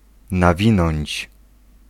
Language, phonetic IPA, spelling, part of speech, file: Polish, [naˈvʲĩnɔ̃ɲt͡ɕ], nawinąć, verb, Pl-nawinąć.ogg